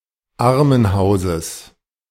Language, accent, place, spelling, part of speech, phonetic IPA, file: German, Germany, Berlin, Armenhauses, noun, [ˈaʁmənˌhaʊ̯zəs], De-Armenhauses.ogg
- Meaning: genitive singular of Armenhaus